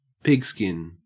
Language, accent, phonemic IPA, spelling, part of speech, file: English, Australia, /ˈpɪɡˌskɪn/, pigskin, noun, En-au-pigskin.ogg
- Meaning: 1. The skin of a pig 2. Leather made from the skin of a pig 3. A football 4. A white person